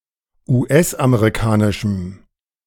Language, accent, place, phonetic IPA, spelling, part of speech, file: German, Germany, Berlin, [uːˈʔɛsʔameʁiˌkaːnɪʃm̩], US-amerikanischem, adjective, De-US-amerikanischem.ogg
- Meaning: strong dative masculine/neuter singular of US-amerikanisch